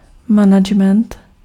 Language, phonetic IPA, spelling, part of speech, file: Czech, [ˈmanaɡɛmɛnt], management, noun, Cs-management.ogg
- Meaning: management